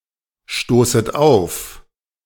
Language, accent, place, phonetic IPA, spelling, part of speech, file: German, Germany, Berlin, [ˌʃtoːsət ˈaʊ̯f], stoßet auf, verb, De-stoßet auf.ogg
- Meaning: second-person plural subjunctive I of aufstoßen